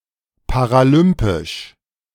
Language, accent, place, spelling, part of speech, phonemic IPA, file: German, Germany, Berlin, paralympisch, adjective, /paʁaˈlʏmpɪʃ/, De-paralympisch.ogg
- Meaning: Paralympic